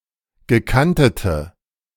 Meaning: inflection of gekantet: 1. strong/mixed nominative/accusative feminine singular 2. strong nominative/accusative plural 3. weak nominative all-gender singular
- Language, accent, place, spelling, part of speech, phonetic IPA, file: German, Germany, Berlin, gekantete, adjective, [ɡəˈkantətə], De-gekantete.ogg